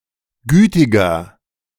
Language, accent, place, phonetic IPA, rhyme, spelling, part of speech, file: German, Germany, Berlin, [ˈɡyːtɪɡɐ], -yːtɪɡɐ, gütiger, adjective, De-gütiger.ogg
- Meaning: inflection of gütig: 1. strong/mixed nominative masculine singular 2. strong genitive/dative feminine singular 3. strong genitive plural